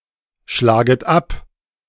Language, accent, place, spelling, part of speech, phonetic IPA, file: German, Germany, Berlin, schlaget ab, verb, [ˌʃlaːɡət ˈap], De-schlaget ab.ogg
- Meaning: second-person plural subjunctive I of abschlagen